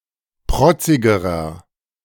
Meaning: inflection of protzig: 1. strong/mixed nominative masculine singular comparative degree 2. strong genitive/dative feminine singular comparative degree 3. strong genitive plural comparative degree
- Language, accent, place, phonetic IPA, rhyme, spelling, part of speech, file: German, Germany, Berlin, [ˈpʁɔt͡sɪɡəʁɐ], -ɔt͡sɪɡəʁɐ, protzigerer, adjective, De-protzigerer.ogg